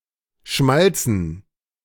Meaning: dative plural of Schmalz
- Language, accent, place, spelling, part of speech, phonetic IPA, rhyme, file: German, Germany, Berlin, Schmalzen, noun, [ˈʃmalt͡sn̩], -alt͡sn̩, De-Schmalzen.ogg